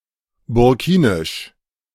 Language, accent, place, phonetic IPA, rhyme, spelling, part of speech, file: German, Germany, Berlin, [bʊʁˈkiːnɪʃ], -iːnɪʃ, burkinisch, adjective, De-burkinisch.ogg
- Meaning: of Burkina Faso; Burkinabe